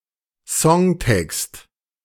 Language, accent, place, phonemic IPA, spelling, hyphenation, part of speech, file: German, Germany, Berlin, /ˈsɔŋˌtɛkst/, Songtext, Song‧text, noun, De-Songtext.ogg
- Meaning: lyrics, songtext